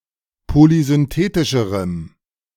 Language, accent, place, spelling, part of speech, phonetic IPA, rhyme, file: German, Germany, Berlin, polysynthetischerem, adjective, [polizʏnˈteːtɪʃəʁəm], -eːtɪʃəʁəm, De-polysynthetischerem.ogg
- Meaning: strong dative masculine/neuter singular comparative degree of polysynthetisch